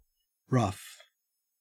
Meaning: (adjective) 1. Not smooth; uneven 2. Approximate; hasty or careless; not finished 3. Turbulent 4. Difficult; trying 5. Crude; unrefined 6. Worn; shabby; weather-beaten
- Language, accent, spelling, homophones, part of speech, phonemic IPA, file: English, Australia, rough, ruff, adjective / noun / verb / adverb, /ɹɐf/, En-au-rough.ogg